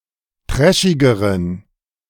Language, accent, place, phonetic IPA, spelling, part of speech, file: German, Germany, Berlin, [ˈtʁɛʃɪɡəʁən], trashigeren, adjective, De-trashigeren.ogg
- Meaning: inflection of trashig: 1. strong genitive masculine/neuter singular comparative degree 2. weak/mixed genitive/dative all-gender singular comparative degree